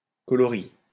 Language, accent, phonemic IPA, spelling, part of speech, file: French, France, /kɔ.lɔ.ʁi/, coloris, noun, LL-Q150 (fra)-coloris.wav
- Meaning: 1. act of mixing colors 2. a mix of color 3. style, panache